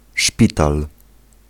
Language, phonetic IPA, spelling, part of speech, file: Polish, [ˈʃpʲital], szpital, noun, Pl-szpital.ogg